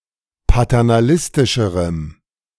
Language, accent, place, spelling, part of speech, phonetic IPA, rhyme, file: German, Germany, Berlin, paternalistischerem, adjective, [patɛʁnaˈlɪstɪʃəʁəm], -ɪstɪʃəʁəm, De-paternalistischerem.ogg
- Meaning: strong dative masculine/neuter singular comparative degree of paternalistisch